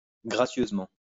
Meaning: gracefully; elegantly
- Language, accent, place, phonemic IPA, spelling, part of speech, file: French, France, Lyon, /ɡʁa.sjøz.mɑ̃/, gracieusement, adverb, LL-Q150 (fra)-gracieusement.wav